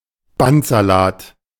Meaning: tape spaghetti
- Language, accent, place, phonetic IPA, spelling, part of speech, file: German, Germany, Berlin, [ˈbantzaˌlaːt], Bandsalat, noun, De-Bandsalat.ogg